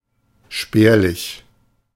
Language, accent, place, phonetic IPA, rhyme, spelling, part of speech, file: German, Germany, Berlin, [ˈʃpɛːɐ̯lɪç], -ɛːɐ̯lɪç, spärlich, adjective, De-spärlich.ogg
- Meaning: sparse (not dense; meager)